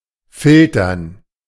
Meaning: to filter
- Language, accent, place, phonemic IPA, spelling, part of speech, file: German, Germany, Berlin, /ˈfɪltɐn/, filtern, verb, De-filtern.ogg